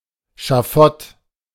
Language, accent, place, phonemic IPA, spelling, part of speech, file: German, Germany, Berlin, /ʃaˈfɔt/, Schafott, noun, De-Schafott.ogg
- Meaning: scaffold (for executing people)